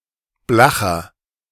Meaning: 1. comparative degree of blach 2. inflection of blach: strong/mixed nominative masculine singular 3. inflection of blach: strong genitive/dative feminine singular
- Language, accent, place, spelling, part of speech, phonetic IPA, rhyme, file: German, Germany, Berlin, blacher, adjective, [ˈblaxɐ], -axɐ, De-blacher.ogg